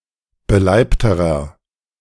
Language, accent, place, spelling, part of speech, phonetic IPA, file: German, Germany, Berlin, beleibterer, adjective, [bəˈlaɪ̯ptəʁɐ], De-beleibterer.ogg
- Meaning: inflection of beleibt: 1. strong/mixed nominative masculine singular comparative degree 2. strong genitive/dative feminine singular comparative degree 3. strong genitive plural comparative degree